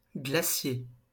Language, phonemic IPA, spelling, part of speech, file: French, /ɡla.sje/, glacier, noun, LL-Q150 (fra)-glacier.wav
- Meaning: 1. glacier 2. maker of mirrors 3. seller of ice-cream 4. ice-cream parlour 5. maker of glass art 6. maker of stained glass windows